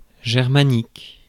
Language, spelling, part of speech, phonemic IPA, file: French, germanique, adjective, /ʒɛʁ.ma.nik/, Fr-germanique.ogg
- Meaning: Germanic